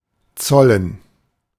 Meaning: to pay (e.g. tribute, respect, etc.)
- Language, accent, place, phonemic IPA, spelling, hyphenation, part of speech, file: German, Germany, Berlin, /ˈt͡sɔlən/, zollen, zol‧len, verb, De-zollen.ogg